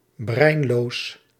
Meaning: 1. brainless, emptyheaded 2. mindless, stupid
- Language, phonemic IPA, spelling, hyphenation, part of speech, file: Dutch, /ˈbrɛi̯n.loːs/, breinloos, brein‧loos, adjective, Nl-breinloos.ogg